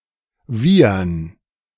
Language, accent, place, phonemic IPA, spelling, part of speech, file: German, Germany, Berlin, /ˈviːərn/, wiehern, verb, De-wiehern.ogg
- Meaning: 1. to neigh, to whinny, to nicker (sound of a horse) 2. to laugh audibly